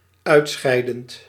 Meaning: present participle of uitscheiden
- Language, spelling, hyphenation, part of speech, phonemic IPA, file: Dutch, uitscheidend, uit‧schei‧dend, verb, /ˈœy̯tˌsxɛi̯.dənt/, Nl-uitscheidend.ogg